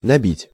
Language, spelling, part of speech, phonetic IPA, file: Russian, набить, verb, [nɐˈbʲitʲ], Ru-набить.ogg
- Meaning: 1. to stuff, to pack, to fill 2. to fix (onto) 3. to type (some text) 4. to break, to smash (a lot of something)